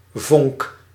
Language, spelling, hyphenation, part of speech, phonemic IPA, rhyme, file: Dutch, vonk, vonk, noun / verb, /vɔŋk/, -ɔŋk, Nl-vonk.ogg
- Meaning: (noun) 1. spark (a small particle of glowing matter, either molten material or from fire) 2. spark (a short or small burst of electrical discharge) 3. heavy blow/kick